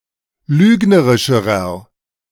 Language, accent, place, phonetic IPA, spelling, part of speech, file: German, Germany, Berlin, [ˈlyːɡnəʁɪʃəʁɐ], lügnerischerer, adjective, De-lügnerischerer.ogg
- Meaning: inflection of lügnerisch: 1. strong/mixed nominative masculine singular comparative degree 2. strong genitive/dative feminine singular comparative degree 3. strong genitive plural comparative degree